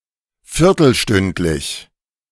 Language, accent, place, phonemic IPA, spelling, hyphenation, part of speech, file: German, Germany, Berlin, /ˈfɪʁtl̩ˌʃtʏntlɪç/, viertelstündlich, vier‧tel‧stünd‧lich, adjective, De-viertelstündlich.ogg
- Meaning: on the quarter-hour